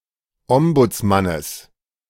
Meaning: genitive singular of Ombudsmann
- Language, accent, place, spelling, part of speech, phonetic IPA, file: German, Germany, Berlin, Ombudsmannes, noun, [ˈɔmbʊt͡sˌmanəs], De-Ombudsmannes.ogg